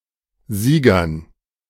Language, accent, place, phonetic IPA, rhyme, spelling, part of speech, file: German, Germany, Berlin, [ˈziːɡɐn], -iːɡɐn, Siegern, noun, De-Siegern.ogg
- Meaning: dative plural of Sieger